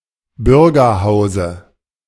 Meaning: dative singular of Bürgerhaus
- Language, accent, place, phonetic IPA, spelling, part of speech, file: German, Germany, Berlin, [ˈbʏʁɡɐˌhaʊ̯zə], Bürgerhause, noun, De-Bürgerhause.ogg